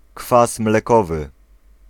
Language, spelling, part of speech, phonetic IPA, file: Polish, kwas mlekowy, noun, [ˈkfas mlɛˈkɔvɨ], Pl-kwas mlekowy.ogg